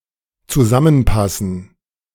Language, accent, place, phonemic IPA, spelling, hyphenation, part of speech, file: German, Germany, Berlin, /t͡suˈzamənˌpasn̩/, zusammenpassen, zu‧sam‧men‧pas‧sen, verb, De-zusammenpassen.ogg
- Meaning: to fit together